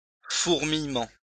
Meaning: 1. swarming 2. pins and needles
- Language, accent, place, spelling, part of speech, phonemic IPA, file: French, France, Lyon, fourmillement, noun, /fuʁ.mij.mɑ̃/, LL-Q150 (fra)-fourmillement.wav